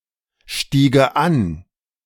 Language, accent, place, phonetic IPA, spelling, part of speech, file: German, Germany, Berlin, [ˌʃtiːɡə ˈan], stiege an, verb, De-stiege an.ogg
- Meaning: first/third-person singular subjunctive II of ansteigen